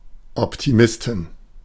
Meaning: inflection of Optimist: 1. genitive/dative/accusative singular 2. nominative/genitive/dative/accusative plural
- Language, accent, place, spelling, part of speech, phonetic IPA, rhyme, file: German, Germany, Berlin, Optimisten, noun, [ɔptiˈmɪstn̩], -ɪstn̩, De-Optimisten.ogg